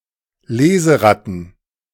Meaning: plural of Leseratte
- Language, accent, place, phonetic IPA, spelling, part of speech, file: German, Germany, Berlin, [ˈleːzəˌʁatn̩], Leseratten, noun, De-Leseratten.ogg